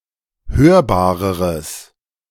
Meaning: strong/mixed nominative/accusative neuter singular comparative degree of hörbar
- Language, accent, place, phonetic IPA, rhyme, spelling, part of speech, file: German, Germany, Berlin, [ˈhøːɐ̯baːʁəʁəs], -øːɐ̯baːʁəʁəs, hörbareres, adjective, De-hörbareres.ogg